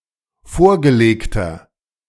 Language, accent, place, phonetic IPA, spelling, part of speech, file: German, Germany, Berlin, [ˈfoːɐ̯ɡəˌleːktɐ], vorgelegter, adjective, De-vorgelegter.ogg
- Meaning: inflection of vorgelegt: 1. strong/mixed nominative masculine singular 2. strong genitive/dative feminine singular 3. strong genitive plural